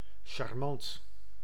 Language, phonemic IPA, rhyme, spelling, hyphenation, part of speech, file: Dutch, /ʃɑrˈmɑnt/, -ɑnt, charmant, char‧mant, adjective, Nl-charmant.ogg
- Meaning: charming, agreeable, nice